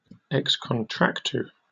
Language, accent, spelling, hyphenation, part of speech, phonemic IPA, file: English, Received Pronunciation, ex contractu, ex con‧trac‧tu, adjective / adverb, /ɛks kənˈtɹækt(j)uː/, En-uk-ex contractu.oga
- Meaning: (adjective) Of a legal obligation: arising from a contractual relationship; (adverb) From a contractual relationship